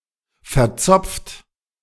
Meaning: old-fashioned, outdated
- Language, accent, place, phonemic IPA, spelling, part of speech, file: German, Germany, Berlin, /fɛɐ̯ˈt͡sɔpft/, verzopft, adjective, De-verzopft.ogg